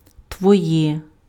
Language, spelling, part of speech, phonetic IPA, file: Ukrainian, твоє, pronoun, [twɔˈjɛ], Uk-твоє.ogg
- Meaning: nominative/accusative/vocative neuter singular of твій (tvij)